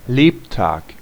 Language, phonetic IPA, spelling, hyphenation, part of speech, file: German, [ˈleːpˌtaːk], Lebtag, Leb‧tag, noun, De-Lebtag.ogg
- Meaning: (all the) days of (someone's) life; (for someone's) entire life